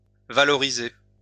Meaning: to valorize, to add value
- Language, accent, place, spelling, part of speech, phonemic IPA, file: French, France, Lyon, valoriser, verb, /va.lɔ.ʁi.ze/, LL-Q150 (fra)-valoriser.wav